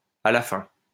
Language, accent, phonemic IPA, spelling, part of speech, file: French, France, /a la fɛ̃/, à la fin, adverb, LL-Q150 (fra)-à la fin.wav
- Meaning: 1. in the end 2. at last, finally (to express exasperation)